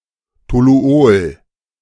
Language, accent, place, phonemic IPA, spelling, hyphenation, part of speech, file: German, Germany, Berlin, /toˈlu̯oːl/, Toluol, To‧lu‧ol, noun, De-Toluol.ogg
- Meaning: toluene (liquid hydrocarbon, C₆H₅CH₃)